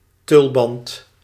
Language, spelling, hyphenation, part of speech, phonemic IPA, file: Dutch, tulband, tul‧band, noun, /ˈtʏl.bɑnt/, Nl-tulband.ogg
- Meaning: 1. a turban 2. a cake baked in the shape of a turban